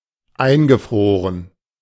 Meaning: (verb) past participle of einfrieren; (adjective) 1. frozen 2. icebound
- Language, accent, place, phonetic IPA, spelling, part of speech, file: German, Germany, Berlin, [ˈaɪ̯nɡəˌfʁoːʁən], eingefroren, verb, De-eingefroren.ogg